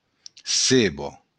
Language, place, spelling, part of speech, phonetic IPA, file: Occitan, Béarn, ceba, noun, [ˈseβo], LL-Q14185 (oci)-ceba.wav
- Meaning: onion